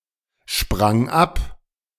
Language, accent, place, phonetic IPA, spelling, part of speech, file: German, Germany, Berlin, [ˌʃpʁaŋ ˈap], sprang ab, verb, De-sprang ab.ogg
- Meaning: first/third-person singular preterite of abspringen